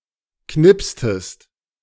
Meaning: inflection of knipsen: 1. second-person singular preterite 2. second-person singular subjunctive II
- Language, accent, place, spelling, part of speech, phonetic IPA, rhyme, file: German, Germany, Berlin, knipstest, verb, [ˈknɪpstəst], -ɪpstəst, De-knipstest.ogg